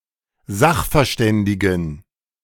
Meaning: inflection of sachverständig: 1. strong genitive masculine/neuter singular 2. weak/mixed genitive/dative all-gender singular 3. strong/weak/mixed accusative masculine singular 4. strong dative plural
- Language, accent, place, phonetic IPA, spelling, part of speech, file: German, Germany, Berlin, [ˈzaxfɛɐ̯ˌʃtɛndɪɡn̩], sachverständigen, adjective, De-sachverständigen.ogg